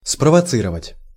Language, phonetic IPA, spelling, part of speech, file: Russian, [sprəvɐˈt͡sɨrəvətʲ], спровоцировать, verb, Ru-спровоцировать.ogg
- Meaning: to provoke